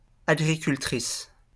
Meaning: female equivalent of agriculteur
- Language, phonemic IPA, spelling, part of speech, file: French, /a.ɡʁi.kyl.tʁis/, agricultrice, noun, LL-Q150 (fra)-agricultrice.wav